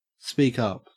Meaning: 1. To talk more loudly or clearly 2. To make oneself or one's opinions known; to advocate or assert oneself
- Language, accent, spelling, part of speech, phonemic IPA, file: English, Australia, speak up, verb, /ˌspiːk ˈʌp/, En-au-speak up.ogg